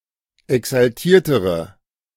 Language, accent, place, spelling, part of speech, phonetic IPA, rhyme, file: German, Germany, Berlin, exaltiertere, adjective, [ɛksalˈtiːɐ̯təʁə], -iːɐ̯təʁə, De-exaltiertere.ogg
- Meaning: inflection of exaltiert: 1. strong/mixed nominative/accusative feminine singular comparative degree 2. strong nominative/accusative plural comparative degree